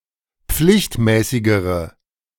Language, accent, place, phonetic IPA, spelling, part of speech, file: German, Germany, Berlin, [ˈp͡flɪçtˌmɛːsɪɡəʁə], pflichtmäßigere, adjective, De-pflichtmäßigere.ogg
- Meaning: inflection of pflichtmäßig: 1. strong/mixed nominative/accusative feminine singular comparative degree 2. strong nominative/accusative plural comparative degree